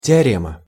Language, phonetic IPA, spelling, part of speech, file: Russian, [tʲɪɐˈrʲemə], теорема, noun, Ru-теорема.ogg
- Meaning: theorem